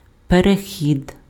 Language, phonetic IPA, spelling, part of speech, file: Ukrainian, [pereˈxʲid], перехід, noun, Uk-перехід.ogg
- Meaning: 1. crossing (movement across on foot or place where such movement is possible) 2. passage 3. transition